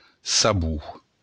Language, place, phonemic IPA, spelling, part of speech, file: Occitan, Béarn, /saˈβu/, sabor, noun, LL-Q14185 (oci)-sabor.wav
- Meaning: taste or smell of something, aroma, flavor